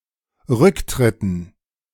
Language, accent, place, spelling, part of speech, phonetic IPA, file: German, Germany, Berlin, Rücktritten, noun, [ˈʁʏkˌtʁɪtn̩], De-Rücktritten.ogg
- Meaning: dative plural of Rücktritt